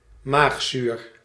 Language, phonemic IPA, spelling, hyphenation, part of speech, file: Dutch, /ˈmaxsyr/, maagzuur, maag‧zuur, noun, Nl-maagzuur.ogg
- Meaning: stomach acid